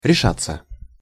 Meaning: 1. to make up one's mind (to), to decide (to, on), to determine (to), to resolve (to) 2. to bring oneself (to); to dare, to risk; to venture 3. passive of реша́ть (rešátʹ)
- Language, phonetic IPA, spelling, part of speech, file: Russian, [rʲɪˈʂat͡sːə], решаться, verb, Ru-решаться.ogg